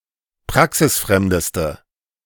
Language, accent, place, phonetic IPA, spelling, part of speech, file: German, Germany, Berlin, [ˈpʁaksɪsˌfʁɛmdəstə], praxisfremdeste, adjective, De-praxisfremdeste.ogg
- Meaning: inflection of praxisfremd: 1. strong/mixed nominative/accusative feminine singular superlative degree 2. strong nominative/accusative plural superlative degree